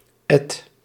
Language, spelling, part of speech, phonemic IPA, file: Dutch, et-, prefix, /ɛt/, Nl-et-.ogg
- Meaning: anew, again